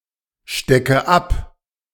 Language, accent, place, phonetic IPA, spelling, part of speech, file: German, Germany, Berlin, [ˌʃtɛkə ˈap], stecke ab, verb, De-stecke ab.ogg
- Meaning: inflection of abstecken: 1. first-person singular present 2. first/third-person singular subjunctive I 3. singular imperative